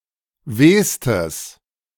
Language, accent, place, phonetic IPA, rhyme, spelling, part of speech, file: German, Germany, Berlin, [ˈveːstəs], -eːstəs, wehstes, adjective, De-wehstes.ogg
- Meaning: strong/mixed nominative/accusative neuter singular superlative degree of weh